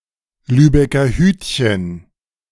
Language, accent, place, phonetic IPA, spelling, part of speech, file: German, Germany, Berlin, [ˈlyːbɛkɐ ˈhyːtçn̩], Lübecker Hütchen, noun, De-Lübecker Hütchen.ogg
- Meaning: traffic cone